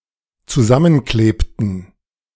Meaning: inflection of zusammenkleben: 1. first/third-person plural dependent preterite 2. first/third-person plural dependent subjunctive II
- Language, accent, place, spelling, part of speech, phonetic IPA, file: German, Germany, Berlin, zusammenklebten, verb, [t͡suˈzamənˌkleːptn̩], De-zusammenklebten.ogg